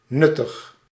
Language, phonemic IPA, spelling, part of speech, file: Dutch, /ˈnʏtəx/, nuttig, adjective / verb, Nl-nuttig.ogg
- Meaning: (adjective) useful, handy; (verb) inflection of nuttigen: 1. first-person singular present indicative 2. second-person singular present indicative 3. imperative